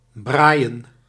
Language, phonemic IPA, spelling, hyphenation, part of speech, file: Dutch, /ˈbraːi̯ə(n)/, braaien, braai‧en, verb, Nl-braaien.ogg
- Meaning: to barbecue